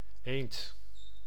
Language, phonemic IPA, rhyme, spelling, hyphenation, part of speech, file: Dutch, /eːnt/, -eːnt, eend, eend, noun, Nl-eend.ogg